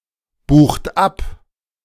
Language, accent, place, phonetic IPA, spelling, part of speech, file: German, Germany, Berlin, [ˌbuːxt ˈap], bucht ab, verb, De-bucht ab.ogg
- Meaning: inflection of abbuchen: 1. third-person singular present 2. second-person plural present 3. plural imperative